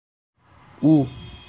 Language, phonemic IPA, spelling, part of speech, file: Assamese, /u/, উ, character, As-উ.ogg
- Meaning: The fifth character in the Assamese alphabet. It's called "Hrosso u" or "Hoso u"